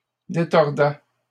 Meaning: third-person singular imperfect indicative of détordre
- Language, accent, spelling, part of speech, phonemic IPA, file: French, Canada, détordait, verb, /de.tɔʁ.dɛ/, LL-Q150 (fra)-détordait.wav